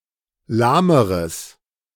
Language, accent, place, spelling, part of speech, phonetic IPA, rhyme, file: German, Germany, Berlin, lahmeres, adjective, [ˈlaːməʁəs], -aːməʁəs, De-lahmeres.ogg
- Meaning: strong/mixed nominative/accusative neuter singular comparative degree of lahm